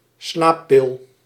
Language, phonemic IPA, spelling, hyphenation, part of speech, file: Dutch, /ˈslaː.pɪl/, slaappil, slaap‧pil, noun, Nl-slaappil.ogg
- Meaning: sleeping pill